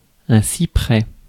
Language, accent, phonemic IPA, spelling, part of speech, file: French, France, /si.pʁɛ/, cyprès, noun, Fr-cyprès.ogg
- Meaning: cypress